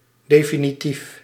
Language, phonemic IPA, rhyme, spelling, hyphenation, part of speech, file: Dutch, /ˌdeː.fi.niˈtif/, -if, definitief, de‧fi‧ni‧tief, adjective, Nl-definitief.ogg
- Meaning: 1. definitive, conclusive 2. final